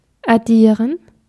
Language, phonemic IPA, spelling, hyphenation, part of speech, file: German, /aˈdiːrən/, addieren, ad‧die‧ren, verb, De-addieren.ogg
- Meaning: to add up, to sum